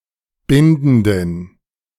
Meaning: inflection of bindend: 1. strong genitive masculine/neuter singular 2. weak/mixed genitive/dative all-gender singular 3. strong/weak/mixed accusative masculine singular 4. strong dative plural
- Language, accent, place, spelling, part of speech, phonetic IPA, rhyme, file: German, Germany, Berlin, bindenden, adjective, [ˈbɪndn̩dən], -ɪndn̩dən, De-bindenden.ogg